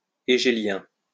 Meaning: Hegelian
- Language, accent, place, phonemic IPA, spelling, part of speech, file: French, France, Lyon, /e.ɡe.ljɛ̃/, hégélien, adjective, LL-Q150 (fra)-hégélien.wav